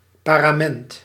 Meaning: parament (liturgical hanging)
- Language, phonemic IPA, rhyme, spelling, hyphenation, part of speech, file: Dutch, /ˌpaː.raːˈmɛnt/, -ɛnt, parament, pa‧ra‧ment, noun, Nl-parament.ogg